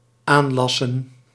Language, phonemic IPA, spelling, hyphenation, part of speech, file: Dutch, /ˈaːnˌlɑ.sə(n)/, aanlassen, aan‧las‧sen, verb, Nl-aanlassen.ogg
- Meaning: 1. to weld on, to attach by welding 2. to attach, to append